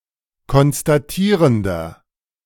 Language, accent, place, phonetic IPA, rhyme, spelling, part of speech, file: German, Germany, Berlin, [kɔnstaˈtiːʁəndɐ], -iːʁəndɐ, konstatierender, adjective, De-konstatierender.ogg
- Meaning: inflection of konstatierend: 1. strong/mixed nominative masculine singular 2. strong genitive/dative feminine singular 3. strong genitive plural